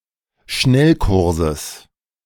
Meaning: genitive of Schnellkurs
- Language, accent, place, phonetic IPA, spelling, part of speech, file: German, Germany, Berlin, [ˈʃnɛlˌkʊʁzəs], Schnellkurses, noun, De-Schnellkurses.ogg